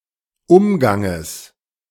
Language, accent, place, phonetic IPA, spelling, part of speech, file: German, Germany, Berlin, [ˈʊmɡaŋəs], Umganges, noun, De-Umganges.ogg
- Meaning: genitive singular of Umgang